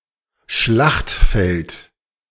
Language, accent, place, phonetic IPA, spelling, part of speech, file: German, Germany, Berlin, [ˈʃlaxtˌfɛlt], Schlachtfeld, noun, De-Schlachtfeld.ogg
- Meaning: battlefield